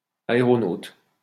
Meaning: aeronaut
- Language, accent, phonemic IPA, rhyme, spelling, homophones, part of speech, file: French, France, /a.e.ʁɔ.not/, -ot, aéronaute, aéronautes, noun, LL-Q150 (fra)-aéronaute.wav